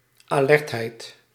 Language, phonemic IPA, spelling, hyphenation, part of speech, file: Dutch, /aːˈlɛrtˌɦɛi̯t/, alertheid, alert‧heid, noun, Nl-alertheid.ogg
- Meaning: alertness